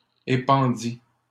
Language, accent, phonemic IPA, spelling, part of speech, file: French, Canada, /e.pɑ̃.di/, épandis, verb, LL-Q150 (fra)-épandis.wav
- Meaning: first/second-person singular past historic of épandre